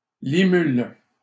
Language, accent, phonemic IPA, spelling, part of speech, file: French, Canada, /li.myl/, limule, noun, LL-Q150 (fra)-limule.wav
- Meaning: horseshoe crab